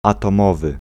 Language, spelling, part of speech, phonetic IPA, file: Polish, atomowy, adjective, [ˌatɔ̃ˈmɔvɨ], Pl-atomowy.ogg